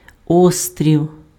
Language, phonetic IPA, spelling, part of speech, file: Ukrainian, [ˈɔstʲrʲiu̯], острів, noun, Uk-острів.ogg
- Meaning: island